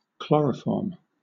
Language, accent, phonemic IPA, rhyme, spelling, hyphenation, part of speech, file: English, Southern England, /ˈklɒɹə(ʊ)ˌfɔː(ɹ)m/, -ɔː(ɹ)m, chloroform, chlo‧ro‧form, noun / verb, LL-Q1860 (eng)-chloroform.wav
- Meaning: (noun) A halogenated hydrocarbon, trichloromethane, CHCl₃; it is a volatile, sweet-smelling liquid, used extensively as a solvent and formerly as an anesthetic